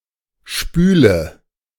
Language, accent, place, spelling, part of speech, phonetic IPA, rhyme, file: German, Germany, Berlin, spüle, verb, [ˈʃpyːlə], -yːlə, De-spüle.ogg
- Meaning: inflection of spülen: 1. first-person singular present 2. first/third-person singular subjunctive I 3. singular imperative